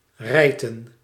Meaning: to rip, to tear
- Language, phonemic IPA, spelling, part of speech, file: Dutch, /ˈrɛi̯tə(n)/, rijten, verb, Nl-rijten.ogg